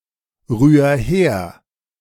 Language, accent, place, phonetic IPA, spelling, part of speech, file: German, Germany, Berlin, [ˌʁyːɐ̯ ˈheːɐ̯], rühr her, verb, De-rühr her.ogg
- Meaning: 1. singular imperative of herrühren 2. first-person singular present of herrühren